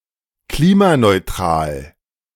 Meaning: carbon neutral
- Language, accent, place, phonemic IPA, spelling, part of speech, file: German, Germany, Berlin, /ˈkliːmanɔɪ̯ˌtʁaːl/, klimaneutral, adjective, De-klimaneutral.ogg